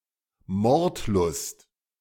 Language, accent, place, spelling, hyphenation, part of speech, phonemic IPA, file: German, Germany, Berlin, Mordlust, Mord‧lust, noun, /ˈmɔʁtˌlʊst/, De-Mordlust.ogg
- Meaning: bloodlust